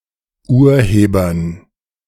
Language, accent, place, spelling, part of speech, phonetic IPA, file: German, Germany, Berlin, Urhebern, noun, [ˈuːɐ̯ˌheːbɐn], De-Urhebern.ogg
- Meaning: dative plural of Urheber